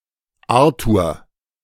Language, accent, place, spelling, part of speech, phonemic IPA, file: German, Germany, Berlin, Arthur, proper noun, /ˈaʁtuːʁ/, De-Arthur.ogg
- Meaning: a male given name from English